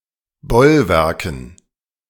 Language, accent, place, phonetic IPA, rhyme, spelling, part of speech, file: German, Germany, Berlin, [ˈbɔlˌvɛʁkn̩], -ɔlvɛʁkn̩, Bollwerken, noun, De-Bollwerken.ogg
- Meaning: dative plural of Bollwerk